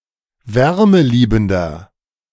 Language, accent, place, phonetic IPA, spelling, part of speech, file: German, Germany, Berlin, [ˈvɛʁməˌliːbn̩dɐ], wärmeliebender, adjective, De-wärmeliebender.ogg
- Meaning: 1. comparative degree of wärmeliebend 2. inflection of wärmeliebend: strong/mixed nominative masculine singular 3. inflection of wärmeliebend: strong genitive/dative feminine singular